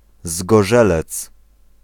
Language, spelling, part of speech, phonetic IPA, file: Polish, Zgorzelec, proper noun, [zɡɔˈʒɛlɛt͡s], Pl-Zgorzelec.ogg